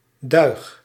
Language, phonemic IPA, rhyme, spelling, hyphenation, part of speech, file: Dutch, /dœy̯x/, -œy̯x, duig, duig, noun, Nl-duig.ogg
- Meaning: 1. stave, plank of the wall of a barrel 2. piece